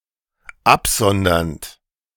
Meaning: present participle of absondern
- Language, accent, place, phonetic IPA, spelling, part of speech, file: German, Germany, Berlin, [ˈapˌzɔndɐnt], absondernd, verb, De-absondernd.ogg